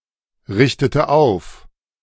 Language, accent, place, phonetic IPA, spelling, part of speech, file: German, Germany, Berlin, [ˌʁɪçtətə ˈaʊ̯f], richtete auf, verb, De-richtete auf.ogg
- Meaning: inflection of aufrichten: 1. first/third-person singular preterite 2. first/third-person singular subjunctive II